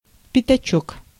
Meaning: 1. diminutive of пята́к (pjaták): five-kopeck coin 2. pig's snout 3. a small patch of land
- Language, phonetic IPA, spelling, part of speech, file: Russian, [pʲɪtɐˈt͡ɕɵk], пятачок, noun, Ru-пятачок.ogg